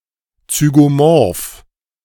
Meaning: zygomorphic
- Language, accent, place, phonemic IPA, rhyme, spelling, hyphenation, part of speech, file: German, Germany, Berlin, /t͡syɡoˈmɔʁf/, -ɔʁf, zygomorph, zy‧go‧morph, adjective, De-zygomorph.ogg